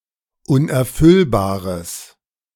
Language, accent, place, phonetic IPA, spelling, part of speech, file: German, Germany, Berlin, [ˌʊnʔɛɐ̯ˈfʏlbaːʁəs], unerfüllbares, adjective, De-unerfüllbares.ogg
- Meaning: strong/mixed nominative/accusative neuter singular of unerfüllbar